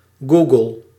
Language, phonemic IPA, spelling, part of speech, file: Dutch, /ˈɡu.ɡəl/, googel, verb, Nl-googel.ogg
- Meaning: inflection of googelen: 1. first-person singular present indicative 2. second-person singular present indicative 3. imperative